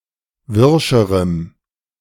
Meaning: strong dative masculine/neuter singular comparative degree of wirsch
- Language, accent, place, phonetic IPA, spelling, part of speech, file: German, Germany, Berlin, [ˈvɪʁʃəʁəm], wirscherem, adjective, De-wirscherem.ogg